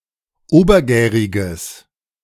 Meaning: strong/mixed nominative/accusative neuter singular of obergärig
- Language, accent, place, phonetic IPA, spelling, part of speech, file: German, Germany, Berlin, [ˈoːbɐˌɡɛːʁɪɡəs], obergäriges, adjective, De-obergäriges.ogg